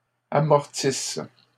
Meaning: inflection of amortir: 1. first/third-person singular present subjunctive 2. first-person singular imperfect subjunctive
- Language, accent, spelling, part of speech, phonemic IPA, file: French, Canada, amortisse, verb, /a.mɔʁ.tis/, LL-Q150 (fra)-amortisse.wav